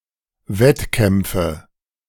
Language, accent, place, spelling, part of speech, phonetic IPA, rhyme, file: German, Germany, Berlin, Wettkämpfe, noun, [ˈvɛtˌkɛmp͡fə], -ɛtkɛmp͡fə, De-Wettkämpfe.ogg
- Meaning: nominative/accusative/genitive plural of Wettkampf